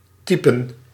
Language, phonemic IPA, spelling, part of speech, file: Dutch, /ˈtipə(n)/, typen, verb / noun, Nl-typen.ogg
- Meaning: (verb) to type; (noun) plural of type